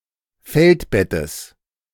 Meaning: genitive of Feldbett
- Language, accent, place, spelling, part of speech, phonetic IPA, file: German, Germany, Berlin, Feldbettes, noun, [ˈfɛltˌbɛtəs], De-Feldbettes.ogg